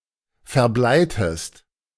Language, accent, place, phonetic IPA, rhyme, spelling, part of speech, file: German, Germany, Berlin, [fɛɐ̯ˈblaɪ̯təst], -aɪ̯təst, verbleitest, verb, De-verbleitest.ogg
- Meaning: inflection of verbleien: 1. second-person singular preterite 2. second-person singular subjunctive II